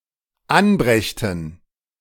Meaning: first/third-person plural dependent subjunctive II of anbringen
- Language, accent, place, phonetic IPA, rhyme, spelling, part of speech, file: German, Germany, Berlin, [ˈanˌbʁɛçtn̩], -anbʁɛçtn̩, anbrächten, verb, De-anbrächten.ogg